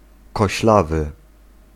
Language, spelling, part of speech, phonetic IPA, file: Polish, koślawy, adjective, [kɔɕˈlavɨ], Pl-koślawy.ogg